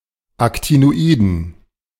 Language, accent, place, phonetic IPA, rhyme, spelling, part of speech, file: German, Germany, Berlin, [ˌaktinoˈiːdn̩], -iːdn̩, Actinoiden, noun, De-Actinoiden.ogg
- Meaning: dative plural of Actinoid